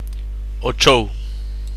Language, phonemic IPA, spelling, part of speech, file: Galician, /ɔːˈt͡ʃow/, ao chou, adverb, Gl-ao chou.ogg
- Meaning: 1. randomly 2. without previous planning